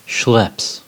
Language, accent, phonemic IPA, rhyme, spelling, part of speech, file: English, US, /ʃlɛps/, -ɛps, schlepps, verb, En-us-schlepps.ogg
- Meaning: third-person singular simple present indicative of schlepp